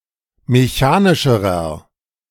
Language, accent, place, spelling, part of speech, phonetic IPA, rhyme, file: German, Germany, Berlin, mechanischerer, adjective, [meˈçaːnɪʃəʁɐ], -aːnɪʃəʁɐ, De-mechanischerer.ogg
- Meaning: inflection of mechanisch: 1. strong/mixed nominative masculine singular comparative degree 2. strong genitive/dative feminine singular comparative degree 3. strong genitive plural comparative degree